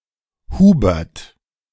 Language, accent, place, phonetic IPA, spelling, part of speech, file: German, Germany, Berlin, [ˈhuːbɛʁt], Hubert, proper noun, De-Hubert.ogg
- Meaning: a male given name, equivalent to English Hubert